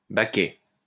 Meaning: 1. tub; pot 2. washtub, washbasin 3. pail (of water) 4. paintpot 5. bucket seat (of sports car)
- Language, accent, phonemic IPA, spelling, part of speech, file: French, France, /ba.kɛ/, baquet, noun, LL-Q150 (fra)-baquet.wav